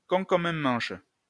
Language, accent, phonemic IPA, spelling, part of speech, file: French, France, /kɔ̃ kɔ.m‿œ̃ mɑ̃ʃ/, con comme un manche, adjective, LL-Q150 (fra)-con comme un manche.wav
- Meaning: Very stupid; thick as a brick; dumb as a post